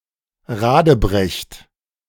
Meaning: inflection of radebrechen: 1. third-person singular present 2. second-person plural present 3. plural imperative
- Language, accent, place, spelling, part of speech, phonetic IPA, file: German, Germany, Berlin, radebrecht, verb, [ˈʁaːdəˌbʁɛçt], De-radebrecht.ogg